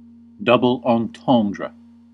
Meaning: A phrase that has two meanings, especially where one is innocent and literal, the other risqué, bawdy, or ironic; an innuendo
- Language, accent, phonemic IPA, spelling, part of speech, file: English, US, /dʌbəl ɑnˈtɑndrə/, double entendre, noun, En-us-double entendre.ogg